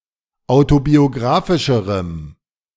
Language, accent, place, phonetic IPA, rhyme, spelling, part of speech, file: German, Germany, Berlin, [ˌaʊ̯tobioˈɡʁaːfɪʃəʁəm], -aːfɪʃəʁəm, autobiographischerem, adjective, De-autobiographischerem.ogg
- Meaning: strong dative masculine/neuter singular comparative degree of autobiographisch